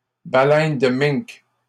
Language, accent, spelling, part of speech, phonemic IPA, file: French, Canada, baleine de Minke, noun, /ba.lɛn də miŋk/, LL-Q150 (fra)-baleine de Minke.wav
- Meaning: minke whale